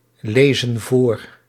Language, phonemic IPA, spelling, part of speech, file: Dutch, /ˈlezə(n) ˈvor/, lezen voor, verb, Nl-lezen voor.ogg
- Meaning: inflection of voorlezen: 1. plural present indicative 2. plural present subjunctive